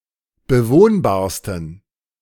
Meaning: 1. superlative degree of bewohnbar 2. inflection of bewohnbar: strong genitive masculine/neuter singular superlative degree
- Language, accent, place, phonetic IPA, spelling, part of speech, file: German, Germany, Berlin, [bəˈvoːnbaːɐ̯stn̩], bewohnbarsten, adjective, De-bewohnbarsten.ogg